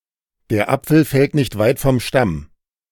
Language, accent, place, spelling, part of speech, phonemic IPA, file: German, Germany, Berlin, der Apfel fällt nicht weit vom Stamm, proverb, /deɐ̯ ˈʔapfl̩ fɛlt nɪçt vaɪ̯t fɔm ʃtam/, De-der Apfel fällt nicht weit vom Stamm.ogg
- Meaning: the apple does not fall far from the tree